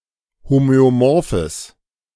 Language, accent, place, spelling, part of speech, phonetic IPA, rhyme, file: German, Germany, Berlin, homöomorphes, adjective, [ˌhomøoˈmɔʁfəs], -ɔʁfəs, De-homöomorphes.ogg
- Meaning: strong/mixed nominative/accusative neuter singular of homöomorph